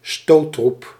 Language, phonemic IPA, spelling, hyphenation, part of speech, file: Dutch, /ˈstoː.trup/, stoottroep, stoot‧troep, noun, Nl-stoottroep.ogg
- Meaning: shock troop